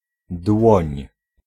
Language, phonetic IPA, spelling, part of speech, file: Polish, [dwɔ̃ɲ], dłoń, noun, Pl-dłoń.ogg